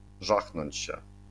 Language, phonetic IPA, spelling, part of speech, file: Polish, [ˈʒaxnɔ̃ɲt͡ɕ‿ɕɛ], żachnąć się, verb, LL-Q809 (pol)-żachnąć się.wav